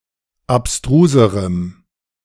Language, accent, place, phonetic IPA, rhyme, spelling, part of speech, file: German, Germany, Berlin, [apˈstʁuːzəʁəm], -uːzəʁəm, abstruserem, adjective, De-abstruserem.ogg
- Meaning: strong dative masculine/neuter singular comparative degree of abstrus